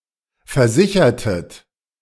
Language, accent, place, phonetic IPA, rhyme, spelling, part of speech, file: German, Germany, Berlin, [fɛɐ̯ˈzɪçɐtət], -ɪçɐtət, versichertet, verb, De-versichertet.ogg
- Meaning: inflection of versichern: 1. second-person plural preterite 2. second-person plural subjunctive II